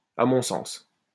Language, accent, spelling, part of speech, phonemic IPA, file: French, France, à mon sens, prepositional phrase, /a mɔ̃ sɑ̃s/, LL-Q150 (fra)-à mon sens.wav
- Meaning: in my view